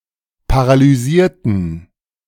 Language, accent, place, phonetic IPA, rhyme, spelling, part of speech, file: German, Germany, Berlin, [paʁalyˈziːɐ̯tn̩], -iːɐ̯tn̩, paralysierten, adjective / verb, De-paralysierten.ogg
- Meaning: inflection of paralysieren: 1. first/third-person plural preterite 2. first/third-person plural subjunctive II